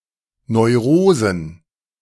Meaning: plural of Neurose
- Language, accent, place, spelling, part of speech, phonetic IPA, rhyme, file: German, Germany, Berlin, Neurosen, noun, [nɔɪ̯ˈʁoːzn̩], -oːzn̩, De-Neurosen.ogg